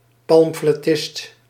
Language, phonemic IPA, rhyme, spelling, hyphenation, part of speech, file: Dutch, /ˌpɑm.flɛˈtɪst/, -ɪst, pamflettist, pam‧flet‧tist, noun, Nl-pamflettist.ogg
- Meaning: pamphleteer